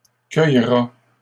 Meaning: third-person singular future of cueillir
- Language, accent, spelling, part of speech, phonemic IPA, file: French, Canada, cueillera, verb, /kœj.ʁa/, LL-Q150 (fra)-cueillera.wav